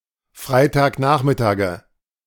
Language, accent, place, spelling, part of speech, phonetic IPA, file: German, Germany, Berlin, Freitagnachmittage, noun, [ˈfʁaɪ̯taːkˌnaːxmɪtaːɡə], De-Freitagnachmittage.ogg
- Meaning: nominative/accusative/genitive plural of Freitagnachmittag